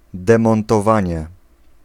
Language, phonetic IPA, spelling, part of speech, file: Polish, [ˌdɛ̃mɔ̃ntɔˈvãɲɛ], demontowanie, noun, Pl-demontowanie.ogg